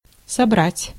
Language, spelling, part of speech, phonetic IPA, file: Russian, собрать, verb, [sɐˈbratʲ], Ru-собрать.ogg
- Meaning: 1. to gather, to collect 2. to assemble 3. to convoke 4. to equip, to prepare